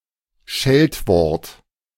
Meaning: invective
- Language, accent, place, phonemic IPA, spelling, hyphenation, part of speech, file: German, Germany, Berlin, /ˈʃɛltˌvɔʁt/, Scheltwort, Schelt‧wort, noun, De-Scheltwort.ogg